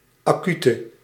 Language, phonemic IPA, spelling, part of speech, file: Dutch, /ɑˈky.tə/, acute, adjective, Nl-acute.ogg
- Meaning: inflection of acuut: 1. masculine/feminine singular attributive 2. definite neuter singular attributive 3. plural attributive